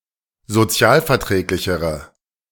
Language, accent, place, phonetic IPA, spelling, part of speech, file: German, Germany, Berlin, [zoˈt͡si̯aːlfɛɐ̯ˌtʁɛːklɪçəʁə], sozialverträglichere, adjective, De-sozialverträglichere.ogg
- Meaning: inflection of sozialverträglich: 1. strong/mixed nominative/accusative feminine singular comparative degree 2. strong nominative/accusative plural comparative degree